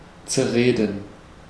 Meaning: to discuss (a subject) to death
- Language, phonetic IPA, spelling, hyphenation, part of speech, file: German, [t͡sɛɐ̯ˈʁeːdn̩], zerreden, zer‧re‧den, verb, De-zerreden.ogg